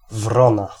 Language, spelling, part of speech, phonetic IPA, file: Polish, wrona, noun / adjective, [ˈvrɔ̃na], Pl-wrona.ogg